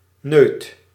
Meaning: 1. dram, snifter, peg, nip 2. small block of natural stone or wood supporting a window or door frame 3. part protruding from a wall supporting a beam
- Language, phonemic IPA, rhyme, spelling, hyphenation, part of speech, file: Dutch, /nøːt/, -øːt, neut, neut, noun, Nl-neut.ogg